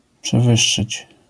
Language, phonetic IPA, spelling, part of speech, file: Polish, [pʃɛˈvɨʃːɨt͡ɕ], przewyższyć, verb, LL-Q809 (pol)-przewyższyć.wav